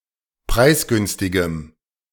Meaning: strong dative masculine/neuter singular of preisgünstig
- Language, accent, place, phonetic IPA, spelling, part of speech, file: German, Germany, Berlin, [ˈpʁaɪ̯sˌɡʏnstɪɡəm], preisgünstigem, adjective, De-preisgünstigem.ogg